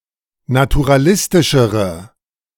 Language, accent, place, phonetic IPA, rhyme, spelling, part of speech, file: German, Germany, Berlin, [natuʁaˈlɪstɪʃəʁə], -ɪstɪʃəʁə, naturalistischere, adjective, De-naturalistischere.ogg
- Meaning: inflection of naturalistisch: 1. strong/mixed nominative/accusative feminine singular comparative degree 2. strong nominative/accusative plural comparative degree